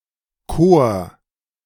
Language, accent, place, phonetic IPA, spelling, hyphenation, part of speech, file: German, Germany, Berlin, [koːɐ̯], Kor, Kor, noun, De-Kor.ogg
- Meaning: cor (unit of measure)